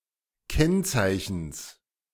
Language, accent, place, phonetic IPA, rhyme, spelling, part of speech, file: German, Germany, Berlin, [ˈkɛnˌt͡saɪ̯çn̩s], -ɛnt͡saɪ̯çn̩s, Kennzeichens, noun, De-Kennzeichens.ogg
- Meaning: genitive singular of Kennzeichen